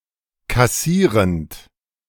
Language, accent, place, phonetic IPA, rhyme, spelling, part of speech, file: German, Germany, Berlin, [kaˈsiːʁənt], -iːʁənt, kassierend, verb, De-kassierend.ogg
- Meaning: present participle of kassieren